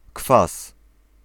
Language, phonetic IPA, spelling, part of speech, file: Polish, [kfas], kwas, noun, Pl-kwas.ogg